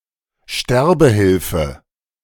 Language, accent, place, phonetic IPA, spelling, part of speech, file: German, Germany, Berlin, [ˈʃtɛʁbəˌhɪlfə], Sterbehilfe, noun, De-Sterbehilfe.ogg
- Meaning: help to die, typically referring to euthanasia (practice of killing a human being or animal for mercy reasons), but also to assisted suicide